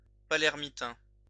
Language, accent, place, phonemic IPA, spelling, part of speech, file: French, France, Lyon, /pa.lɛʁ.mi.tɛ̃/, palermitain, adjective, LL-Q150 (fra)-palermitain.wav
- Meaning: Palermitan (of, from or relating to the city of Palermo, Sicily, Italy)